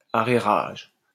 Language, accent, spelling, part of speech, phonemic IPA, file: French, France, arrérage, verb, /a.ʁe.ʁaʒ/, LL-Q150 (fra)-arrérage.wav
- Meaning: inflection of arrérager: 1. first/third-person singular present indicative/subjunctive 2. second-person singular imperative